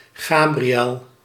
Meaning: Gabriel (Biblical archangel)
- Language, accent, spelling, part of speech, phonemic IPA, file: Dutch, Netherlands, Gabriël, proper noun, /ˈɣaː.briˌɛl/, Nl-Gabriël.ogg